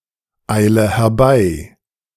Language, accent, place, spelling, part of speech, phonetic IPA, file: German, Germany, Berlin, eile herbei, verb, [ˌaɪ̯lə hɛɐ̯ˈbaɪ̯], De-eile herbei.ogg
- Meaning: inflection of herbeieilen: 1. first-person singular present 2. first/third-person singular subjunctive I 3. singular imperative